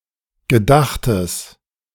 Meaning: strong/mixed nominative/accusative neuter singular of gedacht
- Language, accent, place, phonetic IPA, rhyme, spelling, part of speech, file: German, Germany, Berlin, [ɡəˈdaxtəs], -axtəs, gedachtes, adjective, De-gedachtes.ogg